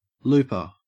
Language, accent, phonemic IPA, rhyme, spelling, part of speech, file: English, Australia, /ˈluːpə(ɹ)/, -uːpə(ɹ), looper, noun, En-au-looper.ogg
- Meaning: An instrument or tool, such as a bodkin, for forming a loop in yarn or cord, etc